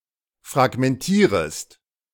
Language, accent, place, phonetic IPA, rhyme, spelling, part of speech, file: German, Germany, Berlin, [fʁaɡmɛnˈtiːʁəst], -iːʁəst, fragmentierest, verb, De-fragmentierest.ogg
- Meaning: second-person singular subjunctive I of fragmentieren